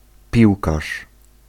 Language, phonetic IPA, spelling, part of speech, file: Polish, [ˈpʲiwkaʃ], piłkarz, noun, Pl-piłkarz.ogg